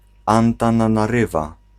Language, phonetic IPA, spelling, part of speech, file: Polish, [ˌãntãnãnaˈrɨva], Antananarywa, proper noun, Pl-Antananarywa.ogg